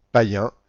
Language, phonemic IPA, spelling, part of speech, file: French, /pa.jɛ̃/, païen, adjective / noun, FR-païen.ogg
- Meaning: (adjective) pagan, heathen; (noun) an uneducated person, a hick